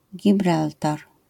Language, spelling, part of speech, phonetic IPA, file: Polish, Gibraltar, proper noun, [ɟiˈbraltar], LL-Q809 (pol)-Gibraltar.wav